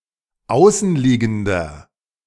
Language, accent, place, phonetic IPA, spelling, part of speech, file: German, Germany, Berlin, [ˈaʊ̯sn̩ˌliːɡn̩dɐ], außenliegender, adjective, De-außenliegender.ogg
- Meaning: inflection of außenliegend: 1. strong/mixed nominative masculine singular 2. strong genitive/dative feminine singular 3. strong genitive plural